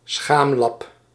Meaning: loincloth
- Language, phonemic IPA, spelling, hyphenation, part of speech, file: Dutch, /ˈsxaːm.lɑp/, schaamlap, schaam‧lap, noun, Nl-schaamlap.ogg